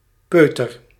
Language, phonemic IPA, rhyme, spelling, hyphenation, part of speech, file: Dutch, /ˈpøːtər/, -øːtər, peuter, peu‧ter, noun / verb, Nl-peuter.ogg
- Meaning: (noun) a toddler, small child, usually between one and four years of age; a little shaver, tyke, tot; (verb) inflection of peuteren: first-person singular present indicative